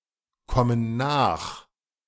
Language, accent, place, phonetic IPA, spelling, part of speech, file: German, Germany, Berlin, [ˌkɔmən ˈnaːx], kommen nach, verb, De-kommen nach.ogg
- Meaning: inflection of nachkommen: 1. first/third-person plural present 2. first/third-person plural subjunctive I